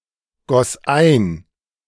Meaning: first/third-person singular preterite of eingießen
- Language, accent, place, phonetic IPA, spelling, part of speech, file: German, Germany, Berlin, [ˌɡɔs ˈaɪ̯n], goss ein, verb, De-goss ein.ogg